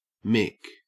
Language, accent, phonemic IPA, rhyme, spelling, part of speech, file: English, Australia, /mɪk/, -ɪk, mick, noun / adjective, En-au-mick.ogg
- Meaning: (noun) 1. An Irishman 2. A Catholic, particularly of Irish descent; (adjective) Easy